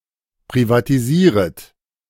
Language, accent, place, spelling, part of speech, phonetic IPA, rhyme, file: German, Germany, Berlin, privatisieret, verb, [pʁivatiˈziːʁət], -iːʁət, De-privatisieret.ogg
- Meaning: second-person plural subjunctive I of privatisieren